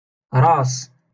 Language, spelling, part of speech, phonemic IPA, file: Moroccan Arabic, راس, noun, /raːs/, LL-Q56426 (ary)-راس.wav
- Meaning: 1. head 2. beginning